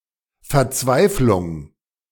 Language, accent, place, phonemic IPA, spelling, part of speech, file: German, Germany, Berlin, /fɛɐ̯ˈt͡svaɪ̯flʊŋ/, Verzweiflung, noun, De-Verzweiflung.ogg
- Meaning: desperation